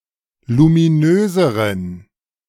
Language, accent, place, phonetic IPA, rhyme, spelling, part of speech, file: German, Germany, Berlin, [lumiˈnøːzəʁən], -øːzəʁən, luminöseren, adjective, De-luminöseren.ogg
- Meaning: inflection of luminös: 1. strong genitive masculine/neuter singular comparative degree 2. weak/mixed genitive/dative all-gender singular comparative degree